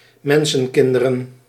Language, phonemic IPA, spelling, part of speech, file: Dutch, /ˈmɛn.sə(n)ˌkɪn.də.rə(n)/, mensenkinderen, noun / interjection, Nl-mensenkinderen.ogg
- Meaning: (noun) plural of mensenkind; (interjection) my goodness (exclamation of consternation or indignation)